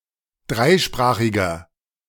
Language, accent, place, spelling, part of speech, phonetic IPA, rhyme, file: German, Germany, Berlin, dreisprachiger, adjective, [ˈdʁaɪ̯ˌʃpʁaːxɪɡɐ], -aɪ̯ʃpʁaːxɪɡɐ, De-dreisprachiger.ogg
- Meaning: inflection of dreisprachig: 1. strong/mixed nominative masculine singular 2. strong genitive/dative feminine singular 3. strong genitive plural